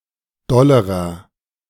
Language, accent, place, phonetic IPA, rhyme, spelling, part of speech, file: German, Germany, Berlin, [ˈdɔləʁɐ], -ɔləʁɐ, dollerer, adjective, De-dollerer.ogg
- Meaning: inflection of doll: 1. strong/mixed nominative masculine singular comparative degree 2. strong genitive/dative feminine singular comparative degree 3. strong genitive plural comparative degree